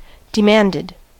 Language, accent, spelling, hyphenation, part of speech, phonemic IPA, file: English, US, demanded, de‧mand‧ed, verb, /dɪˈmændɪd/, En-us-demanded.ogg
- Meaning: simple past and past participle of demand